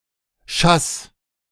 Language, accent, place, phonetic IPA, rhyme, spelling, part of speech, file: German, Germany, Berlin, [ʃas], -as, schass, verb, De-schass.ogg
- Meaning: singular imperative of schassen